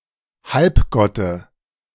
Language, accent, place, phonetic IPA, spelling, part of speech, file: German, Germany, Berlin, [ˈhalpˌɡɔtə], Halbgotte, noun, De-Halbgotte.ogg
- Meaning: dative singular of Halbgott